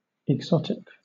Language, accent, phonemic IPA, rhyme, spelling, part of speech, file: English, Southern England, /ɪɡˈzɒtɪk/, -ɒtɪk, exotic, adjective / noun, LL-Q1860 (eng)-exotic.wav
- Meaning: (adjective) 1. Foreign, especially in an exciting way 2. Foreign, especially in an exciting way.: Non-native to the ecosystem 3. Foreign, especially in an exciting way.: extraterrestial, alien